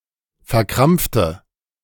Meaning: inflection of verkrampfen: 1. first/third-person singular preterite 2. first/third-person singular subjunctive II
- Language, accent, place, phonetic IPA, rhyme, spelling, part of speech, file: German, Germany, Berlin, [fɛɐ̯ˈkʁamp͡ftə], -amp͡ftə, verkrampfte, adjective / verb, De-verkrampfte.ogg